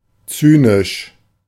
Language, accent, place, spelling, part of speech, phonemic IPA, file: German, Germany, Berlin, zynisch, adjective, /ˈt͡syːnɪʃ/, De-zynisch.ogg
- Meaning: cynical